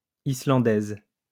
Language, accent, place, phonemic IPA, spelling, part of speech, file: French, France, Lyon, /i.slɑ̃.dɛz/, Islandaise, noun, LL-Q150 (fra)-Islandaise.wav
- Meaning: female equivalent of Islandais